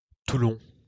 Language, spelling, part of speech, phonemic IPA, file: French, Toulon, proper noun, /tu.lɔ̃/, LL-Q150 (fra)-Toulon.wav
- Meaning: Toulon (a city, the prefecture of Var department, Provence-Alpes-Côte d'Azur, France)